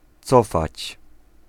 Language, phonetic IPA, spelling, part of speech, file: Polish, [ˈt͡sɔfat͡ɕ], cofać, verb, Pl-cofać.ogg